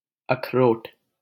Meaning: walnut
- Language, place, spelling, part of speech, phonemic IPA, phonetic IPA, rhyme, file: Hindi, Delhi, अखरोट, noun, /əkʰ.ɾoːʈ/, [ɐkʰ.ɾoːʈ], -oːʈ, LL-Q1568 (hin)-अखरोट.wav